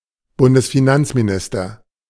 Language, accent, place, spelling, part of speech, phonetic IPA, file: German, Germany, Berlin, Bundesfinanzminister, noun, [bʊndəsfiˈnant͡smiˌnɪstɐ], De-Bundesfinanzminister.ogg
- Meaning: federal / state finance minister